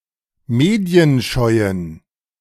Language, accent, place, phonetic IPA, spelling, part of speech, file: German, Germany, Berlin, [ˈmeːdi̯ənˌʃɔɪ̯ən], medienscheuen, adjective, De-medienscheuen.ogg
- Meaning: inflection of medienscheu: 1. strong genitive masculine/neuter singular 2. weak/mixed genitive/dative all-gender singular 3. strong/weak/mixed accusative masculine singular 4. strong dative plural